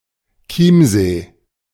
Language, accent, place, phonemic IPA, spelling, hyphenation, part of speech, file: German, Germany, Berlin, /ˈkiːm.zeː/, Chiemsee, Chiem‧see, proper noun, De-Chiemsee.ogg
- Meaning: 1. A lake in Bavaria 2. a municipality of Rosenheim district, Bavaria, Germany